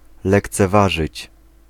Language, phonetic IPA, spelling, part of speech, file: Polish, [ˌlɛkt͡sɛˈvaʒɨt͡ɕ], lekceważyć, verb, Pl-lekceważyć.ogg